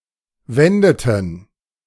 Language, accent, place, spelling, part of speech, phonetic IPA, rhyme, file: German, Germany, Berlin, wendeten, verb, [ˈvɛndətn̩], -ɛndətn̩, De-wendeten.ogg
- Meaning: inflection of wenden: 1. first/third-person plural preterite 2. first/third-person plural subjunctive II